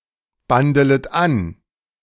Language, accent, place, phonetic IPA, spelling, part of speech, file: German, Germany, Berlin, [ˌbandələt ˈan], bandelet an, verb, De-bandelet an.ogg
- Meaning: second-person plural subjunctive I of anbandeln